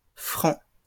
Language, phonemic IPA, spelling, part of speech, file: French, /fʁɑ̃/, francs, adjective / noun, LL-Q150 (fra)-francs.wav
- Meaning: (adjective) masculine plural of franc; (noun) plural of franc